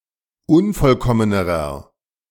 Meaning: inflection of unvollkommen: 1. strong/mixed nominative masculine singular comparative degree 2. strong genitive/dative feminine singular comparative degree 3. strong genitive plural comparative degree
- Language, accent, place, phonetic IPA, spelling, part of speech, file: German, Germany, Berlin, [ˈʊnfɔlˌkɔmənəʁɐ], unvollkommenerer, adjective, De-unvollkommenerer.ogg